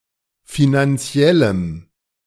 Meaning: strong dative masculine/neuter singular of finanziell
- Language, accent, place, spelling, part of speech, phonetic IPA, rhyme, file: German, Germany, Berlin, finanziellem, adjective, [ˌfinanˈt͡si̯ɛləm], -ɛləm, De-finanziellem.ogg